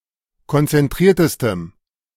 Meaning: strong dative masculine/neuter singular superlative degree of konzentriert
- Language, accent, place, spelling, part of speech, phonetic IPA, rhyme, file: German, Germany, Berlin, konzentriertestem, adjective, [kɔnt͡sɛnˈtʁiːɐ̯təstəm], -iːɐ̯təstəm, De-konzentriertestem.ogg